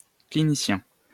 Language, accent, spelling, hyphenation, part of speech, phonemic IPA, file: French, France, clinicien, cli‧ni‧cien, noun, /kli.ni.sjɛ̃/, LL-Q150 (fra)-clinicien.wav
- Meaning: clinician